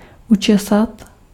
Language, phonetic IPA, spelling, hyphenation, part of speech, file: Czech, [ˈut͡ʃɛsat], učesat, uče‧sat, verb, Cs-učesat.ogg
- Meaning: to comb (hair)